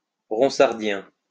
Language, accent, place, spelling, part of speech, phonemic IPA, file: French, France, Lyon, ronsardien, adjective, /ʁɔ̃.saʁ.djɛ̃/, LL-Q150 (fra)-ronsardien.wav
- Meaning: Ronsardian